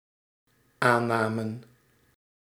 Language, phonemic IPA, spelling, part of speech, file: Dutch, /ˈanɑmə(n)/, aannamen, noun / verb, Nl-aannamen.ogg
- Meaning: inflection of aannemen: 1. plural dependent-clause past indicative 2. plural dependent-clause past subjunctive